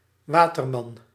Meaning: water boy, water carrier
- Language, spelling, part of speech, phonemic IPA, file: Dutch, waterman, noun, /ˈwatərˌmɑn/, Nl-waterman.ogg